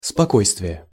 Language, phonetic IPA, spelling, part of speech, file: Russian, [spɐˈkojstvʲɪje], спокойствие, noun, Ru-спокойствие.ogg
- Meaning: 1. calmness (the state of being calm; tranquillity; silence) 2. composure (calmness of mind or matter, self-possession)